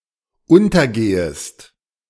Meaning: second-person singular dependent subjunctive I of untergehen
- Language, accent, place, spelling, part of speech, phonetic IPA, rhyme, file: German, Germany, Berlin, untergehest, verb, [ˈʊntɐˌɡeːəst], -ʊntɐɡeːəst, De-untergehest.ogg